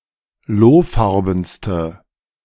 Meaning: inflection of lohfarben: 1. strong/mixed nominative/accusative feminine singular superlative degree 2. strong nominative/accusative plural superlative degree
- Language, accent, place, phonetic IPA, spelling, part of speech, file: German, Germany, Berlin, [ˈloːˌfaʁbn̩stə], lohfarbenste, adjective, De-lohfarbenste.ogg